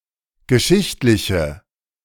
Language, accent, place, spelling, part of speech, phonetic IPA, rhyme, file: German, Germany, Berlin, geschichtliche, adjective, [ɡəˈʃɪçtlɪçə], -ɪçtlɪçə, De-geschichtliche.ogg
- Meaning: inflection of geschichtlich: 1. strong/mixed nominative/accusative feminine singular 2. strong nominative/accusative plural 3. weak nominative all-gender singular